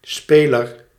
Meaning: 1. a player, someone who plays a game 2. a player, someone who plays a musical instrument 3. a device to play music
- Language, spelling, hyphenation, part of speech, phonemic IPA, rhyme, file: Dutch, speler, spe‧ler, noun, /ˈspeː.lər/, -eːlər, Nl-speler.ogg